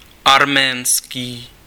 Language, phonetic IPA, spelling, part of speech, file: Czech, [ˈarmɛːnskiː], arménský, adjective, Cs-arménský.ogg
- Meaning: Armenian